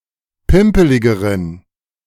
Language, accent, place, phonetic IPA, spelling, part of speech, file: German, Germany, Berlin, [ˈpɪmpəlɪɡəʁən], pimpeligeren, adjective, De-pimpeligeren.ogg
- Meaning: inflection of pimpelig: 1. strong genitive masculine/neuter singular comparative degree 2. weak/mixed genitive/dative all-gender singular comparative degree